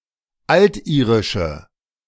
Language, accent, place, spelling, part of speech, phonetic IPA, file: German, Germany, Berlin, altirische, adjective, [ˈaltˌʔiːʁɪʃə], De-altirische.ogg
- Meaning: inflection of altirisch: 1. strong/mixed nominative/accusative feminine singular 2. strong nominative/accusative plural 3. weak nominative all-gender singular